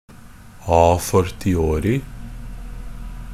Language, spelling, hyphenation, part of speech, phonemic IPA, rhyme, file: Norwegian Bokmål, a fortiori, a for‧ti‧o‧ri, adverb, /ɑː.fɔrtɪˈoːrɪ/, -oːrɪ, NB - Pronunciation of Norwegian Bokmål «a fortiori».ogg
- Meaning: a fortiori (with stronger or greater reason; as a corollary implied by a stronger claim.)